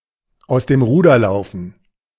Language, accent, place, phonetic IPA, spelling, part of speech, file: German, Germany, Berlin, [aʊ̯s deːm ˈʁuːdɐ ˈlaʊ̯fn̩], aus dem Ruder laufen, verb, De-aus dem Ruder laufen.ogg
- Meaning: to get out of hand